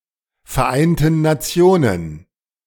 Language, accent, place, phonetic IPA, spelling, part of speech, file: German, Germany, Berlin, [fɛɐ̯ˌʔaɪ̯ntn̩ naˈt͡si̯oːnən], Vereinten Nationen, noun, De-Vereinten Nationen.ogg
- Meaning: inflection of Vereinte Nationen: 1. strong dative plural 2. weak/mixed all-case plural